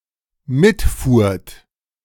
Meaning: second-person plural dependent preterite of mitfahren
- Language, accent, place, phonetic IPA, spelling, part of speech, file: German, Germany, Berlin, [ˈmɪtˌfuːɐ̯t], mitfuhrt, verb, De-mitfuhrt.ogg